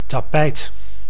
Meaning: carpet (a fabric used as a floor covering)
- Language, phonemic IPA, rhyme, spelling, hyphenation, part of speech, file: Dutch, /taːˈpɛi̯t/, -ɛi̯t, tapijt, ta‧pijt, noun, Nl-tapijt.ogg